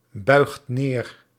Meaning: inflection of neerbuigen: 1. second/third-person singular present indicative 2. plural imperative
- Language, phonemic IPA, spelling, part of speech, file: Dutch, /ˈbœyxt ˈner/, buigt neer, verb, Nl-buigt neer.ogg